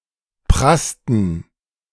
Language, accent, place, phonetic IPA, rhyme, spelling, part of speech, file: German, Germany, Berlin, [ˈpʁastn̩], -astn̩, prassten, verb, De-prassten.ogg
- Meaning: inflection of prassen: 1. first/third-person plural preterite 2. first/third-person plural subjunctive II